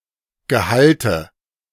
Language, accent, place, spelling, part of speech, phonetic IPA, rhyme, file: German, Germany, Berlin, Gehalte, noun, [ɡəˈhaltə], -altə, De-Gehalte.ogg
- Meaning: nominative/accusative/genitive plural of Gehalt